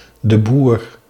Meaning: a surname originating as an occupation
- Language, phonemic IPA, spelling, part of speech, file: Dutch, /də ˈbuːr/, de Boer, proper noun, Nl-de Boer.ogg